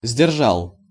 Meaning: masculine singular past indicative perfective of сдержа́ть (sderžátʹ)
- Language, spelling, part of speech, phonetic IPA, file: Russian, сдержал, verb, [zʲdʲɪrˈʐaɫ], Ru-сдержал.ogg